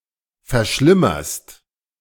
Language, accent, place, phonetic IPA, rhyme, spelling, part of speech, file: German, Germany, Berlin, [fɛɐ̯ˈʃlɪmɐst], -ɪmɐst, verschlimmerst, verb, De-verschlimmerst.ogg
- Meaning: second-person singular present of verschlimmern